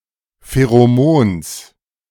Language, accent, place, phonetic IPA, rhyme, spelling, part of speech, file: German, Germany, Berlin, [feʁoˈmoːns], -oːns, Pheromons, noun, De-Pheromons.ogg
- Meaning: genitive singular of Pheromon